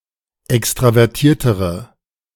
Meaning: inflection of extravertiert: 1. strong/mixed nominative/accusative feminine singular comparative degree 2. strong nominative/accusative plural comparative degree
- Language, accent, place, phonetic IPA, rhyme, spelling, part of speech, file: German, Germany, Berlin, [ˌɛkstʁavɛʁˈtiːɐ̯təʁə], -iːɐ̯təʁə, extravertiertere, adjective, De-extravertiertere.ogg